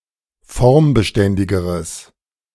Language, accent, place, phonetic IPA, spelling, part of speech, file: German, Germany, Berlin, [ˈfɔʁmbəˌʃtɛndɪɡəʁəs], formbeständigeres, adjective, De-formbeständigeres.ogg
- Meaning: strong/mixed nominative/accusative neuter singular comparative degree of formbeständig